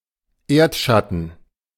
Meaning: shadow of the earth
- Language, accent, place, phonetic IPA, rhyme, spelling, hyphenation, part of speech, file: German, Germany, Berlin, [ˈeːɐ̯tʃatn̩], -atn̩, Erdschatten, Erd‧schat‧ten, noun, De-Erdschatten.ogg